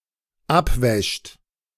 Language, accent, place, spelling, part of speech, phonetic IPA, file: German, Germany, Berlin, abwäscht, verb, [ˈapˌvɛʃt], De-abwäscht.ogg
- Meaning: third-person singular dependent present of abwaschen